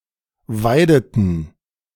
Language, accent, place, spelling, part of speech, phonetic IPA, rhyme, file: German, Germany, Berlin, weideten, verb, [ˈvaɪ̯dətn̩], -aɪ̯dətn̩, De-weideten.ogg
- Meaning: inflection of weiden: 1. first/third-person plural preterite 2. first/third-person plural subjunctive II